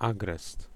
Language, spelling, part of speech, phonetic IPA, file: Polish, agrest, noun, [ˈaɡrɛst], Pl-agrest.ogg